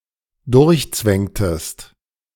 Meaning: inflection of durchzwängen: 1. second-person singular dependent preterite 2. second-person singular dependent subjunctive II
- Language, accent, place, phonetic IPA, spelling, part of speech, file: German, Germany, Berlin, [ˈdʊʁçˌt͡svɛŋtəst], durchzwängtest, verb, De-durchzwängtest.ogg